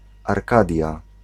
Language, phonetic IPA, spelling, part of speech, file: Polish, [arˈkadʲja], Arkadia, proper noun, Pl-Arkadia.ogg